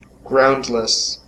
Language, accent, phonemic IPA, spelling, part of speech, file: English, US, /ˈɡɹaʊndləs/, groundless, adjective, En-us-groundless.ogg
- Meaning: 1. Without any grounds to support it; baseless 2. Bottomless; having no bottom or floor